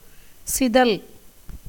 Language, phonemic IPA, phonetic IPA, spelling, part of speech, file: Tamil, /tʃɪd̪ɐl/, [sɪd̪ɐl], சிதல், noun, Ta-சிதல்.ogg
- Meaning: 1. termite 2. winged termite